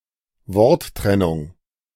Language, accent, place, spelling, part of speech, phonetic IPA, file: German, Germany, Berlin, Worttrennung, noun, [ˈvɔʁtˌtʁɛnʊŋ], De-Worttrennung.ogg
- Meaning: 1. word break 2. syllabification